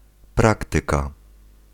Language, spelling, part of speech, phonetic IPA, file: Polish, praktyka, noun, [ˈpraktɨka], Pl-praktyka.ogg